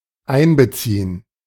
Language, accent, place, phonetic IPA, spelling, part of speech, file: German, Germany, Berlin, [ˈʔaɪnbəˌtsiːən], einbeziehen, verb, De-einbeziehen.ogg
- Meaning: 1. to include 2. to integrate (into)